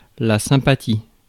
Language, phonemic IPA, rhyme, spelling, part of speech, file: French, /sɛ̃.pa.ti/, -i, sympathie, noun, Fr-sympathie.ogg
- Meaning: sympathy